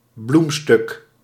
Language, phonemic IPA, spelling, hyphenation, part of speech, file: Dutch, /ˈblum.stʏk/, bloemstuk, bloem‧stuk, noun, Nl-bloemstuk.ogg
- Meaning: flower arrangement (work consisting of arranged flowers and plants)